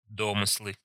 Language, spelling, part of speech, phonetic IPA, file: Russian, домыслы, noun, [ˈdomɨsɫɨ], Ru-домыслы.ogg
- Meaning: nominative/accusative plural of до́мысел (dómysel)